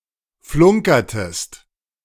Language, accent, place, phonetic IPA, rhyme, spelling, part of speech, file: German, Germany, Berlin, [ˈflʊŋkɐtəst], -ʊŋkɐtəst, flunkertest, verb, De-flunkertest.ogg
- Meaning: inflection of flunkern: 1. second-person singular preterite 2. second-person singular subjunctive II